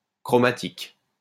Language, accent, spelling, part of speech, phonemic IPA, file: French, France, chromatique, adjective, /kʁɔ.ma.tik/, LL-Q150 (fra)-chromatique.wav
- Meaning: chromatic